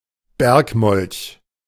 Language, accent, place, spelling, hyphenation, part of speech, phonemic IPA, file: German, Germany, Berlin, Bergmolch, Berg‧molch, noun, /ˈbɛʁkˌmɔlç/, De-Bergmolch.ogg
- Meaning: alpine newt, Ichthyosaura alpestris, Mesotriton alpestris